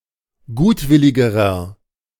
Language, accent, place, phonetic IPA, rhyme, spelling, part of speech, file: German, Germany, Berlin, [ˈɡuːtˌvɪlɪɡəʁɐ], -uːtvɪlɪɡəʁɐ, gutwilligerer, adjective, De-gutwilligerer.ogg
- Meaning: inflection of gutwillig: 1. strong/mixed nominative masculine singular comparative degree 2. strong genitive/dative feminine singular comparative degree 3. strong genitive plural comparative degree